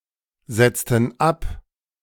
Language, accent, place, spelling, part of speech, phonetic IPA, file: German, Germany, Berlin, setzten ab, verb, [ˌz̥ɛt͡stn̩ ˈap], De-setzten ab.ogg
- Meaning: inflection of absetzen: 1. first/third-person plural preterite 2. first/third-person plural subjunctive II